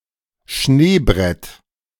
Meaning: slab avalanche
- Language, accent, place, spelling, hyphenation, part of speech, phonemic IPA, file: German, Germany, Berlin, Schneebrett, Schnee‧brett, noun, /ˈʃneːˌbʀɛt/, De-Schneebrett.ogg